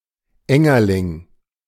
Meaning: a white, dirt-dwelling grub of beetles in the superfamily Scarabaeoidea, for example the European cockchafers, the summer chafers, the garden chafer or the European rhinoceros beetle
- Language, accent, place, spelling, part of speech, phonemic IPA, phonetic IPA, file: German, Germany, Berlin, Engerling, noun, /ˈɛŋəʁlɪŋ/, [ˈʔɛŋɐlɪŋ], De-Engerling.ogg